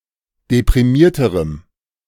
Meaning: strong dative masculine/neuter singular comparative degree of deprimiert
- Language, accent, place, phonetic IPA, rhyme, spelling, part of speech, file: German, Germany, Berlin, [depʁiˈmiːɐ̯təʁəm], -iːɐ̯təʁəm, deprimierterem, adjective, De-deprimierterem.ogg